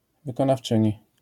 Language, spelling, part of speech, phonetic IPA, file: Polish, wykonawczyni, noun, [ˌvɨkɔ̃nafˈt͡ʃɨ̃ɲi], LL-Q809 (pol)-wykonawczyni.wav